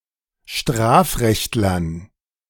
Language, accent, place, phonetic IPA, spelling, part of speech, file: German, Germany, Berlin, [ˈʃtʁaːfˌʁɛçtlɐn], Strafrechtlern, noun, De-Strafrechtlern.ogg
- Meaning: dative plural of Strafrechtler